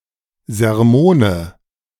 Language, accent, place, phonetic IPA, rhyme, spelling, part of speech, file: German, Germany, Berlin, [zɛʁˈmoːnə], -oːnə, Sermone, noun, De-Sermone.ogg
- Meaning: nominative/accusative/genitive plural of Sermon